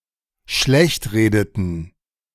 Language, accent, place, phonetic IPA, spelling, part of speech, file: German, Germany, Berlin, [ˈʃlɛçtˌʁeːdətn̩], schlechtredeten, verb, De-schlechtredeten.ogg
- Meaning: inflection of schlechtreden: 1. first/third-person plural dependent preterite 2. first/third-person plural dependent subjunctive II